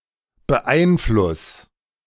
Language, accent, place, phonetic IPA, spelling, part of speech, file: German, Germany, Berlin, [bəˈʔaɪ̯nˌflʊs], beeinfluss, verb, De-beeinfluss.ogg
- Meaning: 1. singular imperative of beeinflussen 2. first-person singular present of beeinflussen